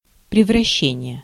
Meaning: change, transformation, conversion, transmutation, metamorphosis
- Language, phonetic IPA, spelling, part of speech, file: Russian, [prʲɪvrɐˈɕːenʲɪje], превращение, noun, Ru-превращение.ogg